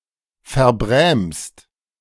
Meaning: second-person singular present of verbrämen
- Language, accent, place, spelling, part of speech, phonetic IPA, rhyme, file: German, Germany, Berlin, verbrämst, verb, [fɛɐ̯ˈbʁɛːmst], -ɛːmst, De-verbrämst.ogg